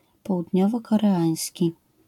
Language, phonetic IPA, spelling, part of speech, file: Polish, [ˌpɔwudʲˈɲɔvɔˌkɔrɛˈãj̃sʲci], południowokoreański, adjective, LL-Q809 (pol)-południowokoreański.wav